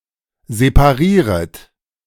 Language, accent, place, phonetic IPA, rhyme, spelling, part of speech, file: German, Germany, Berlin, [zepaˈʁiːʁət], -iːʁət, separieret, verb, De-separieret.ogg
- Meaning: second-person plural subjunctive I of separieren